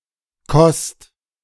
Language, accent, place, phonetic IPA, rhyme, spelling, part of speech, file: German, Germany, Berlin, [kɔst], -ɔst, Kost, noun, De-Kost.ogg
- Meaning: 1. food, fare, diet, board, commons 2. meal